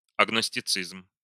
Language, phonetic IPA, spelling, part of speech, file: Russian, [ɐɡnəsʲtʲɪˈt͡sɨzm], агностицизм, noun, Ru-агностицизм.ogg
- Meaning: agnosticism